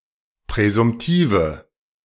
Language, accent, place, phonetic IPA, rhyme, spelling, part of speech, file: German, Germany, Berlin, [pʁɛzʊmˈtiːvə], -iːvə, präsumtive, adjective, De-präsumtive.ogg
- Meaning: inflection of präsumtiv: 1. strong/mixed nominative/accusative feminine singular 2. strong nominative/accusative plural 3. weak nominative all-gender singular